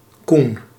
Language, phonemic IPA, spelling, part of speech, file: Dutch, /kun/, Koen, proper noun, Nl-Koen.ogg
- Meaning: a male given name